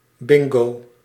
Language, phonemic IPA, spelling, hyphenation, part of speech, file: Dutch, /ˈbɪŋ.ɡoː/, bingo, bin‧go, noun / interjection, Nl-bingo.ogg
- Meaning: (noun) 1. bingo (a game of chance) 2. bingo (a win in that game of chance); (interjection) bingo; expression to claim a win in bingo